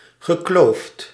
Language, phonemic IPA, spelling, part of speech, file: Dutch, /ɣəˈkloft/, gekloofd, verb, Nl-gekloofd.ogg
- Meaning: past participle of kloven